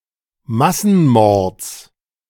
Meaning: genitive singular of Massenmord
- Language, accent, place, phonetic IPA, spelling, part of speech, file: German, Germany, Berlin, [ˈmasn̩ˌmɔʁt͡s], Massenmords, noun, De-Massenmords.ogg